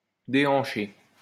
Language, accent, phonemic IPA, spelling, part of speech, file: French, France, /de.ɑ̃.ʃe/, déhancher, verb, LL-Q150 (fra)-déhancher.wav
- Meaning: to wiggle one's hips, sway one's hips